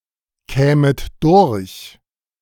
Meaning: second-person plural subjunctive II of durchkommen
- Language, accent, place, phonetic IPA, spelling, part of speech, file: German, Germany, Berlin, [ˌkɛːmət ˈdʊʁç], kämet durch, verb, De-kämet durch.ogg